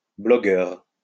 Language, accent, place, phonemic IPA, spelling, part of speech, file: French, France, Lyon, /blɔ.ɡœʁ/, bloggeur, noun, LL-Q150 (fra)-bloggeur.wav
- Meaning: alternative form of blogueur